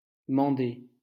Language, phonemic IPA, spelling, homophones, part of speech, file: French, /mɑ̃.de/, mander, mandai / mandé / mandée / mandées / mandés / mandez, verb, LL-Q150 (fra)-mander.wav
- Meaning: 1. to command, summon 2. to inform, to send news of